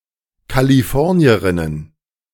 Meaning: plural of Kalifornierin
- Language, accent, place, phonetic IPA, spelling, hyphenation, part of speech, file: German, Germany, Berlin, [kaliˈfɔʁni̯əʁɪnən], Kalifornierinnen, Ka‧li‧for‧ni‧e‧rin‧nen, noun, De-Kalifornierinnen.ogg